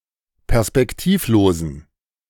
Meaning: inflection of perspektivlos: 1. strong genitive masculine/neuter singular 2. weak/mixed genitive/dative all-gender singular 3. strong/weak/mixed accusative masculine singular 4. strong dative plural
- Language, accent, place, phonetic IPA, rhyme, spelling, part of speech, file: German, Germany, Berlin, [pɛʁspɛkˈtiːfˌloːzn̩], -iːfloːzn̩, perspektivlosen, adjective, De-perspektivlosen.ogg